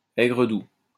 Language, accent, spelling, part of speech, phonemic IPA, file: French, France, aigre-doux, adjective, /ɛ.ɡʁə.du/, LL-Q150 (fra)-aigre-doux.wav
- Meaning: bittersweet, sweet and sour